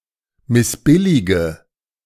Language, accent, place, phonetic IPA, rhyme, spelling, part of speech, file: German, Germany, Berlin, [mɪsˈbɪlɪɡə], -ɪlɪɡə, missbillige, verb, De-missbillige.ogg
- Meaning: inflection of missbilligen: 1. first-person singular present 2. first/third-person singular subjunctive I 3. singular imperative